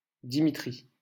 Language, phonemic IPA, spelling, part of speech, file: French, /di.mi.tʁi/, Dimitri, proper noun, LL-Q150 (fra)-Dimitri.wav
- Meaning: a male given name from Russian